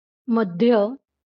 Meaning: 1. centre, middle 2. waist
- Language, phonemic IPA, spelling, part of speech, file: Marathi, /məd̪ʱ.jə/, मध्य, noun, LL-Q1571 (mar)-मध्य.wav